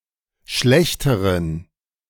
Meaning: inflection of schlecht: 1. strong genitive masculine/neuter singular comparative degree 2. weak/mixed genitive/dative all-gender singular comparative degree
- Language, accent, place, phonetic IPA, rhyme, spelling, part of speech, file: German, Germany, Berlin, [ˈʃlɛçtəʁən], -ɛçtəʁən, schlechteren, adjective, De-schlechteren.ogg